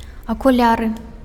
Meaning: glasses, eyeglasses, spectacles
- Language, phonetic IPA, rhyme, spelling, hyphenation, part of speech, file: Belarusian, [akuˈlʲarɨ], -arɨ, акуляры, аку‧ля‧ры, noun, Be-акуляры.ogg